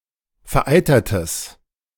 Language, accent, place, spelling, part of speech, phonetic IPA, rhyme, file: German, Germany, Berlin, vereitertes, adjective, [fɛɐ̯ˈʔaɪ̯tɐtəs], -aɪ̯tɐtəs, De-vereitertes.ogg
- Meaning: strong/mixed nominative/accusative neuter singular of vereitert